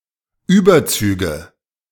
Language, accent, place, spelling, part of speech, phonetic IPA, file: German, Germany, Berlin, Überzüge, noun, [ˈyːbɐˌt͡syːɡə], De-Überzüge.ogg
- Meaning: plural of Überzug